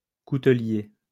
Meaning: cutler
- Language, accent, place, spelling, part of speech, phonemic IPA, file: French, France, Lyon, coutelier, noun, /ku.tə.lje/, LL-Q150 (fra)-coutelier.wav